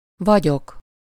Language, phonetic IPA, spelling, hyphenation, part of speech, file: Hungarian, [ˈvɒɟok], vagyok, va‧gyok, verb, Hu-vagyok.ogg
- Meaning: first-person singular indicative present indefinite of van